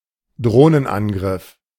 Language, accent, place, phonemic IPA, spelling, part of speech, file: German, Germany, Berlin, /ˈdroːnənˌʔanɡrɪf/, Drohnenangriff, noun, De-Drohnenangriff.ogg
- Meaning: drone strike